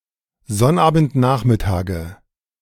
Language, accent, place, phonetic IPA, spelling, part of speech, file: German, Germany, Berlin, [ˈzɔnʔaːbn̩tˌnaːxmɪtaːɡə], Sonnabendnachmittage, noun, De-Sonnabendnachmittage.ogg
- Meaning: nominative/accusative/genitive plural of Sonnabendnachmittag